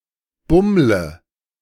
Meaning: inflection of bummeln: 1. first-person singular present 2. singular imperative 3. first/third-person singular subjunctive I
- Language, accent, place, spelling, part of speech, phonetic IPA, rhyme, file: German, Germany, Berlin, bummle, verb, [ˈbʊmlə], -ʊmlə, De-bummle.ogg